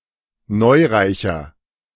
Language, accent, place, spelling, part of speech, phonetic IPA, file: German, Germany, Berlin, neureicher, adjective, [ˈnɔɪ̯ˌʁaɪ̯çɐ], De-neureicher.ogg
- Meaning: 1. comparative degree of neureich 2. inflection of neureich: strong/mixed nominative masculine singular 3. inflection of neureich: strong genitive/dative feminine singular